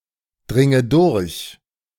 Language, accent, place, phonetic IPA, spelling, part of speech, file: German, Germany, Berlin, [ˌdʁɪŋə ˈdʊʁç], dringe durch, verb, De-dringe durch.ogg
- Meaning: inflection of durchdringen: 1. first-person singular present 2. first/third-person singular subjunctive I 3. singular imperative